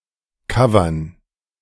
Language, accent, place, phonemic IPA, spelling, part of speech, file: German, Germany, Berlin, /ˈkavɐn/, covern, verb, De-covern.ogg
- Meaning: to cover (to perform a musical piece by someone else)